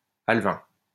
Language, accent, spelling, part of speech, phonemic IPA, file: French, France, alvin, adjective, /al.vɛ̃/, LL-Q150 (fra)-alvin.wav
- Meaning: alvine